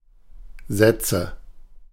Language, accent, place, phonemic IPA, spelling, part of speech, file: German, Germany, Berlin, /ˈzɛt͡sə/, Sätze, noun, De-Sätze.ogg
- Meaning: nominative/accusative/genitive plural of Satz "sentences"/"sets"